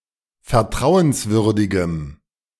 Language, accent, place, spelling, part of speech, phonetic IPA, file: German, Germany, Berlin, vertrauenswürdigem, adjective, [fɛɐ̯ˈtʁaʊ̯ənsˌvʏʁdɪɡəm], De-vertrauenswürdigem.ogg
- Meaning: strong dative masculine/neuter singular of vertrauenswürdig